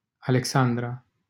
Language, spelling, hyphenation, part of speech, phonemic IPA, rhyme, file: Romanian, Alexandra, A‧le‧xan‧dra, proper noun, /a.lekˈsan.dra/, -andra, LL-Q7913 (ron)-Alexandra.wav
- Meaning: a female given name from Ancient Greek, equivalent to English Alexandra